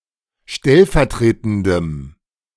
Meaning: strong dative masculine/neuter singular of stellvertretend
- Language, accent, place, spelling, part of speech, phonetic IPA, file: German, Germany, Berlin, stellvertretendem, adjective, [ˈʃtɛlfɛɐ̯ˌtʁeːtn̩dəm], De-stellvertretendem.ogg